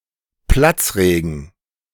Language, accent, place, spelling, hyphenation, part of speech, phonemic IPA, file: German, Germany, Berlin, Platzregen, Platz‧re‧gen, noun, /ˈplatsˌreːɡən/, De-Platzregen.ogg
- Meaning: downpour